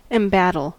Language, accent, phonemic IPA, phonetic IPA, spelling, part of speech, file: English, US, /ɛmˈbæ.təl/, [əmˈbæ.ɾəl], embattle, verb / noun, En-us-embattle.ogg
- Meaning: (verb) 1. To arrange in order of battle; to array for battle 2. To prepare or arm for battle; to equip as for battle 3. To be arrayed for battle